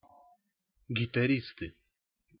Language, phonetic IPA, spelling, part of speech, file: Russian, [ɡʲɪtɐˈrʲistɨ], гитаристы, noun, Ru-гитаристы.ogg
- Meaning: nominative plural of гитари́ст (gitaríst)